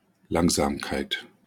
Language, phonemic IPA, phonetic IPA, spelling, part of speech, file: German, /ˈlaŋzaːmkaɪ̯t/, [ˈlaŋzaːmkʰaɪ̯tʰ], Langsamkeit, noun, De-Langsamkeit.wav
- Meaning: slowness